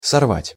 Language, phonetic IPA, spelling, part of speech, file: Russian, [sɐrˈvatʲ], сорвать, verb, Ru-сорвать.ogg
- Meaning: 1. to pick, to pluck (flowers or fruits) 2. to tear off 3. to ruin, to destroy, to frustrate, to derange (e.g. a plan, work) 4. to wrench off (thread) 5. to vent (upon)